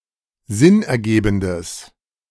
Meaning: strong/mixed nominative/accusative neuter singular of sinnergebend
- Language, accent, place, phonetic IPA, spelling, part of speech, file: German, Germany, Berlin, [ˈzɪnʔɛɐ̯ˌɡeːbn̩dəs], sinnergebendes, adjective, De-sinnergebendes.ogg